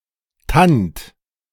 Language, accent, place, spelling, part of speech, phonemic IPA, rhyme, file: German, Germany, Berlin, Tand, noun, /tant/, -ant, De-Tand.ogg
- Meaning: trifles; trinkets